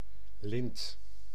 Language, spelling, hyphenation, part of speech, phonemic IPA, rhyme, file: Dutch, lint, lint, noun, /lɪnt/, -ɪnt, Nl-lint.ogg
- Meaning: 1. a ribbon, a cloth band or non-textile (non-adhesive) tape 2. a decoration, a medal, especially in chivalric, civil and military contexts